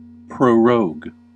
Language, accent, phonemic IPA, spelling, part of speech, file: English, US, /pɹoʊˈɹoʊɡ/, prorogue, verb, En-us-prorogue.ogg
- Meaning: 1. To suspend (a parliamentary session) or to discontinue the meetings of (an assembly, parliament etc.) without formally ending the session 2. To defer 3. To prolong or extend